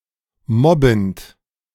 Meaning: present participle of mobben
- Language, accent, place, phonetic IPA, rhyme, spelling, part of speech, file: German, Germany, Berlin, [ˈmɔbn̩t], -ɔbn̩t, mobbend, verb, De-mobbend.ogg